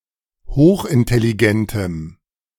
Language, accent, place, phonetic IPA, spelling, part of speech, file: German, Germany, Berlin, [ˈhoːxʔɪntɛliˌɡɛntəm], hochintelligentem, adjective, De-hochintelligentem.ogg
- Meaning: strong dative masculine/neuter singular of hochintelligent